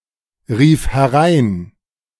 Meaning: first/third-person singular preterite of hereinrufen
- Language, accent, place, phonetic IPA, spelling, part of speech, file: German, Germany, Berlin, [ˌʁiːf hɛˈʁaɪ̯n], rief herein, verb, De-rief herein.ogg